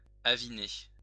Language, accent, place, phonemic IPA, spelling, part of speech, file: French, France, Lyon, /a.vi.ne/, aviner, verb, LL-Q150 (fra)-aviner.wav
- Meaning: 1. to drink wine 2. to booze (drink excessively)